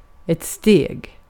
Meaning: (noun) 1. a step (with the foot, sometimes figuratively) 2. a step (in a staircase or the like) 3. a step (in a process or the like) 4. a step (in a process or the like): a stage (of certain devices)
- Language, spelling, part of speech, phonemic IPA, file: Swedish, steg, noun / verb, /ˈsteːɡ/, Sv-steg.ogg